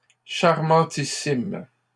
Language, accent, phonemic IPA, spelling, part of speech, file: French, Canada, /ʃaʁ.mɑ̃.ti.sim/, charmantissimes, adjective, LL-Q150 (fra)-charmantissimes.wav
- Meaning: plural of charmantissime